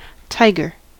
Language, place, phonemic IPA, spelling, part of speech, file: English, California, /ˈtaɪɡɚ/, tiger, noun, En-us-tiger.ogg
- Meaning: Panthera tigris, a large predatory mammal of the cat family, indigenous to Asia